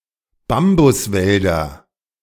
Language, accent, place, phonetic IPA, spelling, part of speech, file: German, Germany, Berlin, [ˈbambʊsˌvɛldɐ], Bambuswälder, noun, De-Bambuswälder.ogg
- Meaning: nominative/accusative/genitive plural of Bambuswald